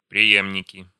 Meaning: nominative plural of прее́мник (prejémnik)
- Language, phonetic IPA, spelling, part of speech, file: Russian, [prʲɪˈjemnʲɪkʲɪ], преемники, noun, Ru-преемники.ogg